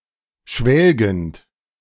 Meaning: present participle of schwelgen
- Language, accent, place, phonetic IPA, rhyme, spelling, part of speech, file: German, Germany, Berlin, [ˈʃvɛlɡn̩t], -ɛlɡn̩t, schwelgend, verb, De-schwelgend.ogg